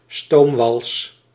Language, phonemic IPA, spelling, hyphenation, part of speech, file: Dutch, /ˈstoːm.ʋɑls/, stoomwals, stoom‧wals, noun, Nl-stoomwals.ogg
- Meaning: steamroller (often also used of non-steam-operated rollers)